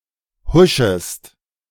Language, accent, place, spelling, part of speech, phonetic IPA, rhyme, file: German, Germany, Berlin, huschest, verb, [ˈhʊʃəst], -ʊʃəst, De-huschest.ogg
- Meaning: second-person singular subjunctive I of huschen